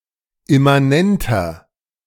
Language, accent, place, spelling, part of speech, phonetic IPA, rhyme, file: German, Germany, Berlin, immanenter, adjective, [ɪmaˈnɛntɐ], -ɛntɐ, De-immanenter.ogg
- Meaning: inflection of immanent: 1. strong/mixed nominative masculine singular 2. strong genitive/dative feminine singular 3. strong genitive plural